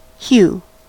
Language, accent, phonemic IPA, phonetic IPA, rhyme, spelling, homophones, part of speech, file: English, US, /hju/, [ç(j)u̟], -uː, hue, hew / Hugh / Hiw, noun, En-us-hue.ogg
- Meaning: 1. A color, or shade of color; tint; dye 2. The characteristic related to the light frequency that appears in the color, for instance red, yellow, green, cyan, blue or magenta 3. Character; aspect